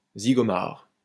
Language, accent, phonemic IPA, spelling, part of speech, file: French, France, /zi.ɡɔ.maʁ/, zigomard, noun, LL-Q150 (fra)-zigomard.wav
- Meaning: alternative form of zigomar